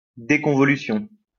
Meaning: deconvolution
- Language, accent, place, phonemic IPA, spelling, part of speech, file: French, France, Lyon, /de.kɔ̃.vɔ.ly.sjɔ̃/, déconvolution, noun, LL-Q150 (fra)-déconvolution.wav